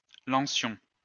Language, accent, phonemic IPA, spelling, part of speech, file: French, France, /lɑ̃.sjɔ̃/, lancions, verb, LL-Q150 (fra)-lancions.wav
- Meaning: inflection of lancer: 1. first-person plural imperfect indicative 2. first-person plural present subjunctive